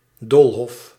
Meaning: 1. a maze, labyrinth 2. any similarly complex and/or confusing construction, lay-out, situation etc
- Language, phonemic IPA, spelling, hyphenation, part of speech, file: Dutch, /ˈdoːlˌɦɔf/, doolhof, dool‧hof, noun, Nl-doolhof.ogg